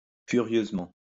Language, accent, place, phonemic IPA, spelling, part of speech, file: French, France, Lyon, /fy.ʁjøz.mɑ̃/, furieusement, adverb, LL-Q150 (fra)-furieusement.wav
- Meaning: furiously